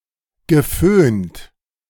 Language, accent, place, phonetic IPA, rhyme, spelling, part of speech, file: German, Germany, Berlin, [ɡəˈføːnt], -øːnt, geföhnt, verb, De-geföhnt.ogg
- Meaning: past participle of föhnen